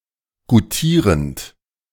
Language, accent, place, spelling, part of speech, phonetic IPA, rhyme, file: German, Germany, Berlin, goutierend, verb, [ɡuˈtiːʁənt], -iːʁənt, De-goutierend.ogg
- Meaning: present participle of goutieren